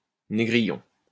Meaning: 1. pickaninny 2. brownie
- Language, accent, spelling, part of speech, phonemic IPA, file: French, France, négrillon, noun, /ne.ɡʁi.jɔ̃/, LL-Q150 (fra)-négrillon.wav